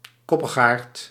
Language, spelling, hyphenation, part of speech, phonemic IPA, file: Dutch, koppigaard, kop‧pig‧aard, noun, /ˈkɔ.pəxˌaːrt/, Nl-koppigaard.ogg
- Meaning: stubborn person, mule